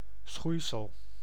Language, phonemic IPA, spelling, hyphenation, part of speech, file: Dutch, /ˈsxui̯.səl/, schoeisel, schoei‧sel, noun, Nl-schoeisel.ogg
- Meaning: 1. shoewear, footwear 2. any particular item of footwear